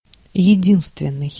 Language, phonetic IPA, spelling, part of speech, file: Russian, [(j)ɪˈdʲinstvʲɪn(ː)ɨj], единственный, adjective, Ru-единственный.ogg
- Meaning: 1. sole, only, unique 2. unique, exceptional, unparalleled 3. singular